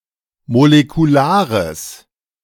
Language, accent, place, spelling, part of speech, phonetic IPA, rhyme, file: German, Germany, Berlin, molekulares, adjective, [molekuˈlaːʁəs], -aːʁəs, De-molekulares.ogg
- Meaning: strong/mixed nominative/accusative neuter singular of molekular